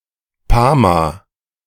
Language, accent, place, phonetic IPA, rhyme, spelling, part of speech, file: German, Germany, Berlin, [ˈpaːma], -aːma, Pama, proper noun, De-Pama.ogg
- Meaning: a municipality of Burgenland, Austria